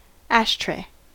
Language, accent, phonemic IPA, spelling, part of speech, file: English, US, /ˈæʃ.tɹeɪ/, ashtray, noun / verb, En-us-ashtray.ogg
- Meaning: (noun) A receptacle for ash and butts from cigarettes and cigars; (verb) To use an ashtray